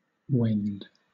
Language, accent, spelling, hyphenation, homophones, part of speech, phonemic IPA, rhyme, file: English, Southern England, wend, wend, when'd, verb / noun, /wɛnd/, -ɛnd, LL-Q1860 (eng)-wend.wav
- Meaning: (verb) 1. To direct (one's way or course); pursue one's way; proceed upon some course or way 2. To turn; change, to adapt 3. To turn; make a turn; go round; veer